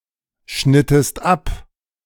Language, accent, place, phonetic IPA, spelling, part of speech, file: German, Germany, Berlin, [ˌʃnɪtəst ˈap], schnittest ab, verb, De-schnittest ab.ogg
- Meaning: inflection of abschneiden: 1. second-person singular preterite 2. second-person singular subjunctive II